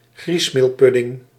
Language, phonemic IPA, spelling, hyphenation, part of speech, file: Dutch, /ˈɣrismelˌpʏdɪŋ/, griesmeelpudding, gries‧meel‧pud‧ding, noun, Nl-griesmeelpudding.ogg
- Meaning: semolina pudding